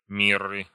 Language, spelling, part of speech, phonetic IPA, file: Russian, мирры, noun, [ˈmʲirɨ], Ru-мирры.ogg
- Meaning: inflection of ми́рра (mírra): 1. genitive singular 2. nominative/accusative plural